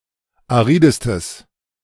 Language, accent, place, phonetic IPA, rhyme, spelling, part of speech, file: German, Germany, Berlin, [aˈʁiːdəstəs], -iːdəstəs, aridestes, adjective, De-aridestes.ogg
- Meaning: strong/mixed nominative/accusative neuter singular superlative degree of arid